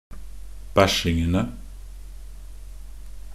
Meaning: definite plural of bæsjing
- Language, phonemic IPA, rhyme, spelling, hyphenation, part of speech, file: Norwegian Bokmål, /ˈbæʃɪŋənə/, -ənə, bæsjingene, bæsj‧ing‧en‧e, noun, Nb-bæsjingene.ogg